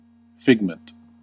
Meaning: 1. A fabrication, fantasy, invention; something fictitious 2. An item which has been crafted
- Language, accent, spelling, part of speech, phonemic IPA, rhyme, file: English, US, figment, noun, /ˈfɪɡ.mənt/, -ɪɡmənt, En-us-figment.ogg